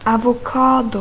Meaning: avocado
- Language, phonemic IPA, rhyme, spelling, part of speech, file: Swedish, /avʊˈkɑːdʊ/, -ɑːdʊ, avokado, noun, Sv-avokado.ogg